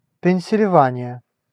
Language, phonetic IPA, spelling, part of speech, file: Russian, [pʲɪn⁽ʲ⁾sʲɪlʲˈvanʲɪjə], Пенсильвания, proper noun, Ru-Пенсильвания.ogg
- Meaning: Pennsylvania (a state of the United States)